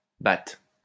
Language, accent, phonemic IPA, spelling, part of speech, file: French, France, /bat/, bath, noun / adjective, LL-Q150 (fra)-bath.wav
- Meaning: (noun) English high quality letter paper popular in the 19th century; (adjective) super, great, smashing; beautiful, fine, good, pleasant